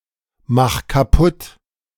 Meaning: 1. singular imperative of kaputtmachen 2. first-person singular present of kaputtmachen
- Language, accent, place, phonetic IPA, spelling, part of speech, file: German, Germany, Berlin, [ˌmax kaˈpʊt], mach kaputt, verb, De-mach kaputt.ogg